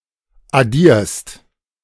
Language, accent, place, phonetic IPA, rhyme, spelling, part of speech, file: German, Germany, Berlin, [aˈdiːɐ̯st], -iːɐ̯st, addierst, verb, De-addierst.ogg
- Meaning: second-person singular present of addieren